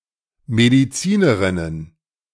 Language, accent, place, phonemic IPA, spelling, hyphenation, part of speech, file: German, Germany, Berlin, /ˌmediˈt͡siːnəʁɪnən/, Medizinerinnen, Me‧di‧zi‧ne‧rin‧nen, noun, De-Medizinerinnen.ogg
- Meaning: plural of Medizinerin "female doctors"